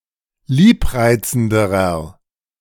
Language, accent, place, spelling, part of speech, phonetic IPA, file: German, Germany, Berlin, liebreizenderer, adjective, [ˈliːpˌʁaɪ̯t͡sn̩dəʁɐ], De-liebreizenderer.ogg
- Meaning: inflection of liebreizend: 1. strong/mixed nominative masculine singular comparative degree 2. strong genitive/dative feminine singular comparative degree 3. strong genitive plural comparative degree